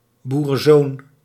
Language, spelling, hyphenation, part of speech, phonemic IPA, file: Dutch, boerenzoon, boe‧ren‧zoon, noun, /ˌbu.rə(n)ˈzoːn/, Nl-boerenzoon.ogg
- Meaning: 1. a farmer's son 2. farmboy, country-boy